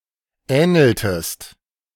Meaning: inflection of ähneln: 1. second-person singular preterite 2. second-person singular subjunctive II
- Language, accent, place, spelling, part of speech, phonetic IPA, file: German, Germany, Berlin, ähneltest, verb, [ˈɛːnl̩təst], De-ähneltest.ogg